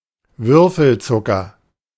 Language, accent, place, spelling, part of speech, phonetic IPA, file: German, Germany, Berlin, Würfelzucker, noun, [ˈvʏʁfl̩ˌt͡sʊkɐ], De-Würfelzucker.ogg
- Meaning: cube sugar, lump sugar; sugar lumps, sugar cubes